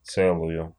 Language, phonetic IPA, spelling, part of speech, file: Russian, [ˈt͡sɛɫʊjʊ], целую, adjective, Ru-це́лую.ogg
- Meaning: feminine accusative singular of це́лый (célyj)